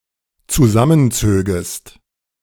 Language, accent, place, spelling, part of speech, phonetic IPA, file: German, Germany, Berlin, zusammenzögest, verb, [t͡suˈzamənˌt͡søːɡəst], De-zusammenzögest.ogg
- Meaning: second-person singular dependent subjunctive II of zusammenziehen